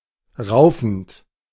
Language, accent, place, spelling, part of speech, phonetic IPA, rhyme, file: German, Germany, Berlin, raufend, verb, [ˈʁaʊ̯fn̩t], -aʊ̯fn̩t, De-raufend.ogg
- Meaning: present participle of raufen